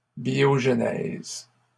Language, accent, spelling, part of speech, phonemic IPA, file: French, Canada, biogenèse, noun, /bjɔʒ.nɛz/, LL-Q150 (fra)-biogenèse.wav
- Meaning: biogenesis